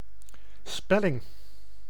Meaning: spelling
- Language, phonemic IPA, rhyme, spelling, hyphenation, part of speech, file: Dutch, /ˈspɛ.lɪŋ/, -ɛlɪŋ, spelling, spel‧ling, noun, Nl-spelling.ogg